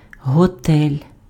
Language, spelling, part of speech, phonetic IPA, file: Ukrainian, готель, noun, [ɦɔˈtɛlʲ], Uk-готель.ogg
- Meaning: hotel